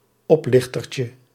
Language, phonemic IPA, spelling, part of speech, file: Dutch, /ˈɔplɪxtərcə/, oplichtertje, noun, Nl-oplichtertje.ogg
- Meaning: diminutive of oplichter